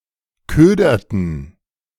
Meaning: inflection of ködern: 1. first/third-person plural preterite 2. first/third-person plural subjunctive II
- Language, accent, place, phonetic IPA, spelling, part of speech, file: German, Germany, Berlin, [ˈkøːdɐtn̩], köderten, verb, De-köderten.ogg